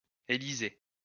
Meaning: 1. Elisha (prophet, disciple and successor of Elijah) 2. a male given name
- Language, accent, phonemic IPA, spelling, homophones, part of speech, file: French, France, /e.li.ze/, Élisée, élisez / Élysée, proper noun, LL-Q150 (fra)-Élisée.wav